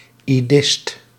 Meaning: an Idist, a user or advocate of Ido
- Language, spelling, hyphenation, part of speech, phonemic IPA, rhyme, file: Dutch, idist, idist, noun, /iˈdɪst/, -ɪst, Nl-idist.ogg